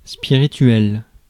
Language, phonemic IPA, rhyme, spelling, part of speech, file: French, /spi.ʁi.tɥɛl/, -ɥɛl, spirituel, adjective, Fr-spirituel.ogg
- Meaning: 1. spiritual 2. witty